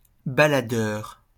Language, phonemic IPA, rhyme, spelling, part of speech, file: French, /ba.la.dœʁ/, -œʁ, baladeur, noun / adjective, LL-Q150 (fra)-baladeur.wav
- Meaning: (noun) walkman, personal stereo; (adjective) 1. walking, rambling 2. wandering